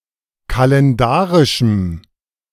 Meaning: strong dative masculine/neuter singular of kalendarisch
- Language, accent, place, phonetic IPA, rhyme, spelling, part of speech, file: German, Germany, Berlin, [kalɛnˈdaːʁɪʃm̩], -aːʁɪʃm̩, kalendarischem, adjective, De-kalendarischem.ogg